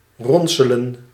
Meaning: to recruit (e.g. for military service or criminal activities)
- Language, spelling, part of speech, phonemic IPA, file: Dutch, ronselen, verb, /ˈrɔn.sə.lə(n)/, Nl-ronselen.ogg